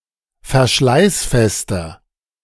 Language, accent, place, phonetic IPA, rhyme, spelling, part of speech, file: German, Germany, Berlin, [fɛɐ̯ˈʃlaɪ̯sˌfɛstɐ], -aɪ̯sfɛstɐ, verschleißfester, adjective, De-verschleißfester.ogg
- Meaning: inflection of verschleißfest: 1. strong/mixed nominative masculine singular 2. strong genitive/dative feminine singular 3. strong genitive plural